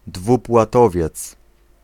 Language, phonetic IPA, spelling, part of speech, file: Polish, [ˌdvupwaˈtɔvʲjɛt͡s], dwupłatowiec, noun, Pl-dwupłatowiec.ogg